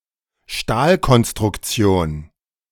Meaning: structural steelwork (steel construction)
- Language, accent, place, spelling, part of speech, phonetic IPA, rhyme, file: German, Germany, Berlin, Stahlkonstruktion, noun, [ˈʃtaːlkɔnstʁʊkˌt͡si̯oːn], -aːlkɔnstʁʊkt͡si̯oːn, De-Stahlkonstruktion.ogg